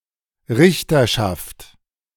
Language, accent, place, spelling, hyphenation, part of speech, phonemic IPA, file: German, Germany, Berlin, Richterschaft, Rich‧ter‧schaft, noun, /ˈʁɪçtɐ.ʃaft/, De-Richterschaft.ogg
- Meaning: judiciary (The collective body of judges, justices, etc.)